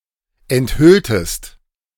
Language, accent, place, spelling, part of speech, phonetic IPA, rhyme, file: German, Germany, Berlin, enthülltest, verb, [ɛntˈhʏltəst], -ʏltəst, De-enthülltest.ogg
- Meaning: inflection of enthüllen: 1. second-person singular preterite 2. second-person singular subjunctive II